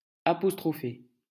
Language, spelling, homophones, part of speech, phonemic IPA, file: French, apostropher, apostrophai / apostrophé / apostrophée / apostrophées / apostrophés / apostrophez, verb, /a.pɔs.tʁɔ.fe/, LL-Q150 (fra)-apostropher.wav
- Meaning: 1. to apostrophize 2. to speak sharply or harshly at